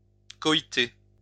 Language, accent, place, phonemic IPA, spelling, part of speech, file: French, France, Lyon, /kɔ.i.te/, coïter, verb, LL-Q150 (fra)-coïter.wav
- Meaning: to copulate, to engage in sexual intercourse